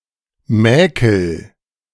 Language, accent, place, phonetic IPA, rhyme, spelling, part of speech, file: German, Germany, Berlin, [ˈmɛːkl̩], -ɛːkl̩, mäkel, verb, De-mäkel.ogg
- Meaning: inflection of mäkeln: 1. first-person singular present 2. singular imperative